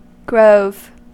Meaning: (noun) 1. A small forest 2. A small forest with minimal undergrowth 3. An orchard of fruit trees 4. A place of worship 5. A lodge of the Ancient Order of Druids
- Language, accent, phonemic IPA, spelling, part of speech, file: English, US, /ɡɹoʊv/, grove, noun / verb, En-us-grove.ogg